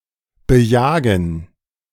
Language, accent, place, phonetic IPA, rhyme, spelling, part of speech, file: German, Germany, Berlin, [bəˈjaːɡn̩], -aːɡn̩, bejagen, verb, De-bejagen.ogg
- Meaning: to hunt, to hunt after